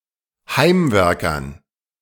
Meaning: dative plural of Heimwerker
- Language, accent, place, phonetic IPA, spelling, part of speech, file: German, Germany, Berlin, [ˈhaɪ̯mˌvɛʁkɐn], Heimwerkern, noun, De-Heimwerkern.ogg